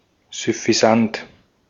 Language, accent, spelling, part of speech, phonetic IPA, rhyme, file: German, Austria, süffisant, adjective, [zʏfiˈzant], -ant, De-at-süffisant.ogg
- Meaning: smug